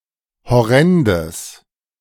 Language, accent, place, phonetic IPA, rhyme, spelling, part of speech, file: German, Germany, Berlin, [hɔˈʁɛndəs], -ɛndəs, horrendes, adjective, De-horrendes.ogg
- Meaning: strong/mixed nominative/accusative neuter singular of horrend